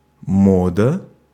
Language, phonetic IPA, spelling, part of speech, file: Russian, [ˈmodə], мода, noun, Ru-мода.ogg
- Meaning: 1. fashion, vogue 2. habit 3. mode 4. genitive/accusative singular of мод (mod)